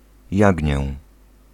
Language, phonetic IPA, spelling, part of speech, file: Polish, [ˈjäɟɲɛ], jagnię, noun, Pl-jagnię.ogg